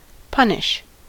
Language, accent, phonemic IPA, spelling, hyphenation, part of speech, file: English, US, /ˈpʌnɪʃ/, punish, pun‧ish, verb, En-us-punish.ogg